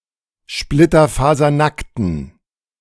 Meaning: inflection of splitterfasernackt: 1. strong genitive masculine/neuter singular 2. weak/mixed genitive/dative all-gender singular 3. strong/weak/mixed accusative masculine singular
- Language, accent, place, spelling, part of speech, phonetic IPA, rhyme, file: German, Germany, Berlin, splitterfasernackten, adjective, [ˌʃplɪtɐfaːzɐˈnaktn̩], -aktn̩, De-splitterfasernackten.ogg